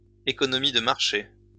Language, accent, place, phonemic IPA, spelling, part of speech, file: French, France, Lyon, /e.kɔ.nɔ.mi d(ə) maʁ.ʃe/, économie de marché, noun, LL-Q150 (fra)-économie de marché.wav
- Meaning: market economy